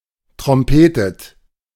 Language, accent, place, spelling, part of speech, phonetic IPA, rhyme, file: German, Germany, Berlin, trompetet, verb, [tʁɔmˈpeːtət], -eːtət, De-trompetet.ogg
- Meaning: inflection of trompeten: 1. second-person plural present 2. second-person plural subjunctive I 3. third-person singular present 4. plural imperative